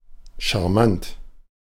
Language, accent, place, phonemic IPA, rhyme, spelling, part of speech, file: German, Germany, Berlin, /ʃa(r)ˈmant/, -ant, charmant, adjective, De-charmant.ogg
- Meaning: charming